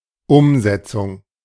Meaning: implementation, execution, realisation
- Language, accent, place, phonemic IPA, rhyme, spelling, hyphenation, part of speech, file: German, Germany, Berlin, /ˈʊmˌzɛtsʊŋ/, -ɛt͡sʊŋ, Umsetzung, Um‧set‧zung, noun, De-Umsetzung.ogg